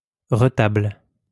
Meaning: retable, reredos
- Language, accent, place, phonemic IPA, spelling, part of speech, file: French, France, Lyon, /ʁə.tabl/, retable, noun, LL-Q150 (fra)-retable.wav